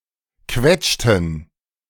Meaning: inflection of quetschen: 1. first/third-person plural preterite 2. first/third-person plural subjunctive II
- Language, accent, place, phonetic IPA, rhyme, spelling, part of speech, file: German, Germany, Berlin, [ˈkvɛt͡ʃtn̩], -ɛt͡ʃtn̩, quetschten, verb, De-quetschten.ogg